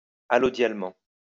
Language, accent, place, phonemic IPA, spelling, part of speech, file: French, France, Lyon, /a.lɔ.djal.mɑ̃/, allodialement, adverb, LL-Q150 (fra)-allodialement.wav
- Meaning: allodially